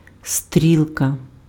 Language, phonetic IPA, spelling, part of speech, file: Ukrainian, [ˈstʲrʲiɫkɐ], стрілка, noun, Uk-стрілка.ogg
- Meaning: 1. arrow, pointer 2. needle (indicator on a dial, gauge, etc.) 3. hand (of an analogue watch or clock)